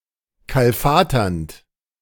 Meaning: present participle of kalfatern
- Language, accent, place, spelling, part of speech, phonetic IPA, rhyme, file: German, Germany, Berlin, kalfaternd, verb, [ˌkalˈfaːtɐnt], -aːtɐnt, De-kalfaternd.ogg